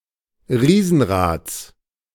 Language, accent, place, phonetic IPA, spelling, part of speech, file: German, Germany, Berlin, [ˈʁiːzn̩ˌʁaːt͡s], Riesenrads, noun, De-Riesenrads.ogg
- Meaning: genitive singular of Riesenrad